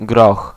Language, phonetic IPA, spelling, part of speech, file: Polish, [ɡrɔx], groch, noun, Pl-groch.ogg